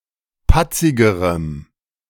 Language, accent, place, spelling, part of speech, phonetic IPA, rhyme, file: German, Germany, Berlin, patzigerem, adjective, [ˈpat͡sɪɡəʁəm], -at͡sɪɡəʁəm, De-patzigerem.ogg
- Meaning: strong dative masculine/neuter singular comparative degree of patzig